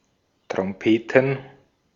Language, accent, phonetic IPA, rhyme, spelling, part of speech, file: German, Austria, [tʁɔmˈpeːtn̩], -eːtn̩, Trompeten, noun, De-at-Trompeten.ogg
- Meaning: plural of Trompete